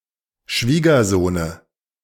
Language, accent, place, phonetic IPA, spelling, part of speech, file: German, Germany, Berlin, [ˈʃviːɡɐˌzoːnə], Schwiegersohne, noun, De-Schwiegersohne.ogg
- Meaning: dative of Schwiegersohn